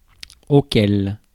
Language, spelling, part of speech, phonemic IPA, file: French, auquel, pronoun, /o.kɛl/, Fr-auquel.ogg
- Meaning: to which, at which, of which